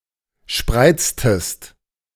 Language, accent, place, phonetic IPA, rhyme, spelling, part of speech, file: German, Germany, Berlin, [ˈʃpʁaɪ̯t͡stəst], -aɪ̯t͡stəst, spreiztest, verb, De-spreiztest.ogg
- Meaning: inflection of spreizen: 1. second-person singular preterite 2. second-person singular subjunctive II